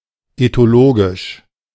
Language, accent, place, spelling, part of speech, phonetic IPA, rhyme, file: German, Germany, Berlin, ethologisch, adjective, [etoˈloːɡɪʃ], -oːɡɪʃ, De-ethologisch.ogg
- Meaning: ethological